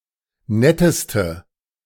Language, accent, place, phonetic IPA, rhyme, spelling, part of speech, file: German, Germany, Berlin, [ˈnɛtəstə], -ɛtəstə, netteste, adjective, De-netteste.ogg
- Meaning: inflection of nett: 1. strong/mixed nominative/accusative feminine singular superlative degree 2. strong nominative/accusative plural superlative degree